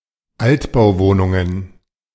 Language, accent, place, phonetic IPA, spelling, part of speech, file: German, Germany, Berlin, [ˈaltbaʊ̯ˌvoːnʊŋən], Altbauwohnungen, noun, De-Altbauwohnungen.ogg
- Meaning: plural of Altbauwohnung